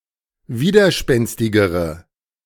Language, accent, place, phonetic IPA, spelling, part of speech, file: German, Germany, Berlin, [ˈviːdɐˌʃpɛnstɪɡəʁə], widerspenstigere, adjective, De-widerspenstigere.ogg
- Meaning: inflection of widerspenstig: 1. strong/mixed nominative/accusative feminine singular comparative degree 2. strong nominative/accusative plural comparative degree